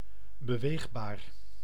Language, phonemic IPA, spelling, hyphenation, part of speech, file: Dutch, /bəˈʋeːxˌbaːr/, beweegbaar, be‧weeg‧baar, adjective, Nl-beweegbaar.ogg
- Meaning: movable